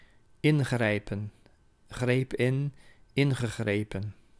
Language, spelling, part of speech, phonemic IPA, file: Dutch, ingrijpen, verb, /ˈɪŋɣrɛipə(n)/, Nl-ingrijpen.ogg
- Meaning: to intervene